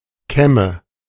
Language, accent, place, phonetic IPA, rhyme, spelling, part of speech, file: German, Germany, Berlin, [ˈkɛmə], -ɛmə, Kämme, noun, De-Kämme.ogg
- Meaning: nominative/accusative/genitive plural of Kamm